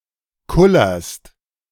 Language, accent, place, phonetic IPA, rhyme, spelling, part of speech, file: German, Germany, Berlin, [ˈkʊlɐst], -ʊlɐst, kullerst, verb, De-kullerst.ogg
- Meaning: second-person singular present of kullern